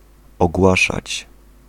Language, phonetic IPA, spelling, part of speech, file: Polish, [ɔɡˈwaʃat͡ɕ], ogłaszać, verb, Pl-ogłaszać.ogg